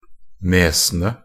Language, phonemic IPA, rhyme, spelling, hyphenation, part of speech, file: Norwegian Bokmål, /ˈneːsənə/, -ənə, nesene, ne‧se‧ne, noun, Nb-nesene.ogg
- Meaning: 1. definite plural of nese 2. definite plural of nes